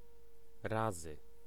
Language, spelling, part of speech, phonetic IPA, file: Polish, razy, noun / conjunction, [ˈrazɨ], Pl-razy.ogg